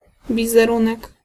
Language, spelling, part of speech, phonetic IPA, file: Polish, wizerunek, noun, [ˌvʲizɛˈrũnɛk], Pl-wizerunek.ogg